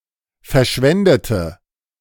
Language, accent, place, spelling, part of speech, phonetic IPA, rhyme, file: German, Germany, Berlin, verschwendete, adjective / verb, [fɛɐ̯ˈʃvɛndətə], -ɛndətə, De-verschwendete.ogg
- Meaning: inflection of verschwenden: 1. first/third-person singular preterite 2. first/third-person singular subjunctive II